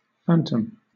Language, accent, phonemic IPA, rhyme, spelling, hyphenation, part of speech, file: English, Southern England, /ˈfæntəm/, -æntəm, phantom, phan‧tom, noun / adjective, LL-Q1860 (eng)-phantom.wav
- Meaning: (noun) 1. A ghost or apparition 2. Something apparently seen, heard, or sensed, but having no physical reality; an image that appears only in the mind; an illusion or delusion